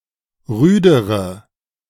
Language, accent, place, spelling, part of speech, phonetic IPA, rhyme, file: German, Germany, Berlin, rüdere, adjective, [ˈʁyːdəʁə], -yːdəʁə, De-rüdere.ogg
- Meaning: inflection of rüde: 1. strong/mixed nominative/accusative feminine singular comparative degree 2. strong nominative/accusative plural comparative degree